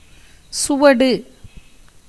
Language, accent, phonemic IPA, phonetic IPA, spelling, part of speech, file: Tamil, India, /tʃʊʋɐɖɯ/, [sʊʋɐɖɯ], சுவடு, noun, Ta-சுவடு.ogg
- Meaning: 1. impression, footprint 2. sign, indication 3. scar, cicatrice 4. strength, power 5. practice, experience 6. means, method 7. A unit of grain measure, containing 360 paddy grains